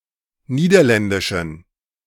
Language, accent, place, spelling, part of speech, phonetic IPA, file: German, Germany, Berlin, niederländischen, adjective, [ˈniːdɐˌlɛndɪʃn̩], De-niederländischen.ogg
- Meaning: inflection of niederländisch: 1. strong genitive masculine/neuter singular 2. weak/mixed genitive/dative all-gender singular 3. strong/weak/mixed accusative masculine singular 4. strong dative plural